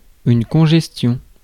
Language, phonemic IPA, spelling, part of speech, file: French, /kɔ̃.ʒɛs.tjɔ̃/, congestion, noun, Fr-congestion.ogg
- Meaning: congestion